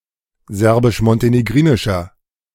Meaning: inflection of serbisch-montenegrinisch: 1. strong/mixed nominative masculine singular 2. strong genitive/dative feminine singular 3. strong genitive plural
- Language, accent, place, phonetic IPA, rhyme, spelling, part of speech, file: German, Germany, Berlin, [ˌzɛʁbɪʃmɔnteneˈɡʁiːnɪʃɐ], -iːnɪʃɐ, serbisch-montenegrinischer, adjective, De-serbisch-montenegrinischer.ogg